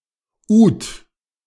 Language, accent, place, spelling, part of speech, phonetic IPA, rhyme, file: German, Germany, Berlin, Ud, noun, [uːt], -uːt, De-Ud.ogg
- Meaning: oud